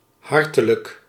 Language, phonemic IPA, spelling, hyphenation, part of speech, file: Dutch, /ˈɦɑrtələk/, hartelijk, har‧te‧lijk, adjective / adverb, Nl-hartelijk.ogg
- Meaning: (adjective) 1. cordial 2. hearty 3. hospitable 4. outgoing 5. warm; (adverb) 1. heartily 2. warmly